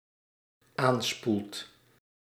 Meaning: second/third-person singular dependent-clause present indicative of aanspoelen
- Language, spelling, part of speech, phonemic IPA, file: Dutch, aanspoelt, verb, /ˈanspult/, Nl-aanspoelt.ogg